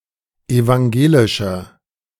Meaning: inflection of evangelisch: 1. strong/mixed nominative masculine singular 2. strong genitive/dative feminine singular 3. strong genitive plural
- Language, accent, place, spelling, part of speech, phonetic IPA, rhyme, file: German, Germany, Berlin, evangelischer, adjective, [evaŋˈɡeːlɪʃɐ], -eːlɪʃɐ, De-evangelischer.ogg